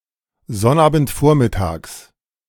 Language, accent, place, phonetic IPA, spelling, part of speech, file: German, Germany, Berlin, [ˈzɔnʔaːbn̩tˌfoːɐ̯mɪtaːks], Sonnabendvormittags, noun, De-Sonnabendvormittags.ogg
- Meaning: genitive of Sonnabendvormittag